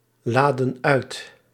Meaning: inflection of uitladen: 1. plural past indicative 2. plural past subjunctive
- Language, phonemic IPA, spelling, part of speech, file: Dutch, /ˈladə(n) ˈœyt/, laadden uit, verb, Nl-laadden uit.ogg